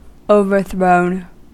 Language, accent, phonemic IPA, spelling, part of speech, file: English, US, /oʊ.vɚ.θɹoʊn/, overthrown, verb, En-us-overthrown.ogg
- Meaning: past participle of overthrow